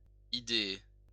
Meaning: to ideate
- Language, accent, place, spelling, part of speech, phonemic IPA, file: French, France, Lyon, idéer, verb, /i.de.e/, LL-Q150 (fra)-idéer.wav